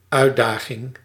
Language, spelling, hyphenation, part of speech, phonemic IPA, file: Dutch, uitdaging, uit‧da‧ging, noun, /ˈœy̯tˌdaː.ɣɪŋ/, Nl-uitdaging.ogg
- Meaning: 1. challenge (something challenging) 2. challenge (act of challenging someone)